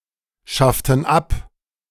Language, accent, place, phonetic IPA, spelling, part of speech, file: German, Germany, Berlin, [ˌʃaftn̩ ˈap], schafften ab, verb, De-schafften ab.ogg
- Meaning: inflection of abschaffen: 1. first/third-person plural preterite 2. first/third-person plural subjunctive II